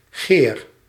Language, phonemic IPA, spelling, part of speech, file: Dutch, /ɣer/, geer, noun / verb, Nl-geer.ogg
- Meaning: 1. spear 2. gyron 3. desire, lust